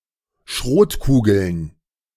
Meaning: plural of Schrotkugel
- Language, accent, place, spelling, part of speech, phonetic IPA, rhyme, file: German, Germany, Berlin, Schrotkugeln, noun, [ˈʃʁoːtˌkuːɡl̩n], -oːtkuːɡl̩n, De-Schrotkugeln.ogg